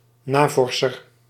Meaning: researcher
- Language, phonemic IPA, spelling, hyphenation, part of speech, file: Dutch, /ˈnaːˌvɔr.sər/, navorser, na‧vor‧ser, noun, Nl-navorser.ogg